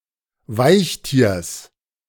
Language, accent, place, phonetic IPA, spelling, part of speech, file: German, Germany, Berlin, [ˈvaɪ̯çˌtiːɐ̯s], Weichtiers, noun, De-Weichtiers.ogg
- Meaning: genitive singular of Weichtier